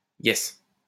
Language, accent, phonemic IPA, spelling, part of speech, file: French, France, /jɛs/, yes, interjection, LL-Q150 (fra)-yes.wav
- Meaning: yes!